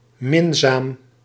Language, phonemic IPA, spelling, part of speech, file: Dutch, /ˈmɪnzam/, minzaam, adjective, Nl-minzaam.ogg
- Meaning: affable, friendly